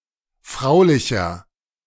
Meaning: 1. comparative degree of fraulich 2. inflection of fraulich: strong/mixed nominative masculine singular 3. inflection of fraulich: strong genitive/dative feminine singular
- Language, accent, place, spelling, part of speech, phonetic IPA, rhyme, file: German, Germany, Berlin, fraulicher, adjective, [ˈfʁaʊ̯lɪçɐ], -aʊ̯lɪçɐ, De-fraulicher.ogg